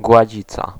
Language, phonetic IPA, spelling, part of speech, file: Polish, [ɡwaˈd͡ʑit͡sa], gładzica, noun, Pl-gładzica.ogg